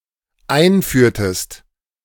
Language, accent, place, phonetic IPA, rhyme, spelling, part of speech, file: German, Germany, Berlin, [ˈaɪ̯nˌfyːɐ̯təst], -aɪ̯nfyːɐ̯təst, einführtest, verb, De-einführtest.ogg
- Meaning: inflection of einführen: 1. second-person singular dependent preterite 2. second-person singular dependent subjunctive II